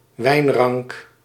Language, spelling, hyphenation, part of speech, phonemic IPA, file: Dutch, wijnrank, wijn‧rank, noun, /ˈʋɛi̯n.rɑŋk/, Nl-wijnrank.ogg
- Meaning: 1. grapevine 2. branch of a grapevine